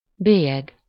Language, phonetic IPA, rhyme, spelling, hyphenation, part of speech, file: Hungarian, [ˈbeːjɛɡ], -ɛɡ, bélyeg, bé‧lyeg, noun, Hu-bélyeg.ogg
- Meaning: 1. stamp, postage stamp, postmark 2. mark, brand, stigma